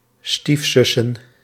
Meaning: plural of stiefzus
- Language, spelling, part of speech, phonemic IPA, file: Dutch, stiefzussen, noun, /ˈstifsʏsə(n)/, Nl-stiefzussen.ogg